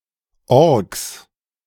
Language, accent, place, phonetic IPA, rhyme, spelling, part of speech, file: German, Germany, Berlin, [ɔʁks], -ɔʁks, Orks, noun, De-Orks.ogg
- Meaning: plural of Ork